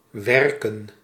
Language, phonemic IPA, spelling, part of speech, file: Dutch, /ˈʋɛrkə(n)/, werken, verb / noun, Nl-werken.ogg
- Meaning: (verb) 1. to work, labour 2. to function, work, be in working order 3. to warp, settle 4. to contact; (noun) plural of werk